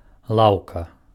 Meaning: bench
- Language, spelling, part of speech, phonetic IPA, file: Belarusian, лаўка, noun, [ˈɫau̯ka], Be-лаўка.ogg